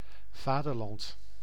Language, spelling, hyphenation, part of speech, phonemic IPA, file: Dutch, vaderland, va‧der‧land, noun, /ˈvaː.dərˌlɑnt/, Nl-vaderland.ogg
- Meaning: 1. fatherland, one's own native land/nation and/or the country of one's forefathers, the possible object of patriotism 2. Heaven